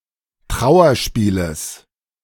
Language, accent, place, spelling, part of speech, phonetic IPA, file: German, Germany, Berlin, Trauerspieles, noun, [ˈtʁaʊ̯ɐˌʃpiːləs], De-Trauerspieles.ogg
- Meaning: genitive singular of Trauerspiel